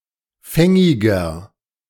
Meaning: 1. comparative degree of fängig 2. inflection of fängig: strong/mixed nominative masculine singular 3. inflection of fängig: strong genitive/dative feminine singular
- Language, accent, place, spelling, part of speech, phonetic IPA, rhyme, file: German, Germany, Berlin, fängiger, adjective, [ˈfɛŋɪɡɐ], -ɛŋɪɡɐ, De-fängiger.ogg